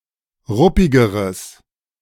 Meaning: strong/mixed nominative/accusative neuter singular comparative degree of ruppig
- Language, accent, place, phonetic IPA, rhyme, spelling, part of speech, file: German, Germany, Berlin, [ˈʁʊpɪɡəʁəs], -ʊpɪɡəʁəs, ruppigeres, adjective, De-ruppigeres.ogg